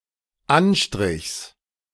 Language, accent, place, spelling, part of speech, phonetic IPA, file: German, Germany, Berlin, Anstrichs, noun, [ˈanˌʃtʁɪçs], De-Anstrichs.ogg
- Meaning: genitive singular of Anstrich